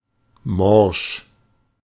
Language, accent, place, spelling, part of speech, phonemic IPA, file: German, Germany, Berlin, morsch, adjective, /mɔʁʃ/, De-morsch.ogg
- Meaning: 1. rotten, about to break up 2. brittle